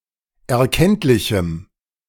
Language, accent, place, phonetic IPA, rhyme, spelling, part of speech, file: German, Germany, Berlin, [ɛɐ̯ˈkɛntlɪçm̩], -ɛntlɪçm̩, erkenntlichem, adjective, De-erkenntlichem.ogg
- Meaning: strong dative masculine/neuter singular of erkenntlich